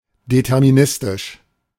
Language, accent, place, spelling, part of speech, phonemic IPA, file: German, Germany, Berlin, deterministisch, adjective, /dɛtɛʁmiˈnɪstɪʃ/, De-deterministisch.ogg
- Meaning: deterministic